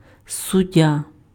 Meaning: 1. judge 2. referee
- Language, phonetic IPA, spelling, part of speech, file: Ukrainian, [sʊˈdʲːa], суддя, noun, Uk-суддя.ogg